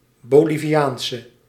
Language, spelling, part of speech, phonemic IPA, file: Dutch, Boliviaanse, noun / adjective, /ˌboliviˈjaːnsə/, Nl-Boliviaanse.ogg
- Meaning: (adjective) inflection of Boliviaans: 1. masculine/feminine singular attributive 2. definite neuter singular attributive 3. plural attributive; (noun) Bolivian woman